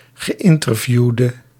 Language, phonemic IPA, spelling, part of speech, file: Dutch, /ɣəˈɪntərˌvjudə/, geïnterviewde, noun, Nl-geïnterviewde.ogg
- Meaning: interviewee